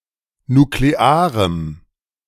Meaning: strong dative masculine/neuter singular of nuklear
- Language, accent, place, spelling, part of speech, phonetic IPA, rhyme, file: German, Germany, Berlin, nuklearem, adjective, [nukleˈaːʁəm], -aːʁəm, De-nuklearem.ogg